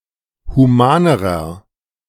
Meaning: inflection of human: 1. strong/mixed nominative masculine singular comparative degree 2. strong genitive/dative feminine singular comparative degree 3. strong genitive plural comparative degree
- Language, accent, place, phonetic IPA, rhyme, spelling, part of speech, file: German, Germany, Berlin, [huˈmaːnəʁɐ], -aːnəʁɐ, humanerer, adjective, De-humanerer.ogg